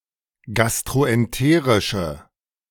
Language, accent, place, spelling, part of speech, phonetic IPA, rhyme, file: German, Germany, Berlin, gastroenterische, adjective, [ˌɡastʁoʔɛnˈteːʁɪʃə], -eːʁɪʃə, De-gastroenterische.ogg
- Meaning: inflection of gastroenterisch: 1. strong/mixed nominative/accusative feminine singular 2. strong nominative/accusative plural 3. weak nominative all-gender singular